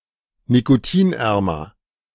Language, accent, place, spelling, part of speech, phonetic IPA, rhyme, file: German, Germany, Berlin, nikotinärmer, adjective, [nikoˈtiːnˌʔɛʁmɐ], -iːnʔɛʁmɐ, De-nikotinärmer.ogg
- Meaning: comparative degree of nikotinarm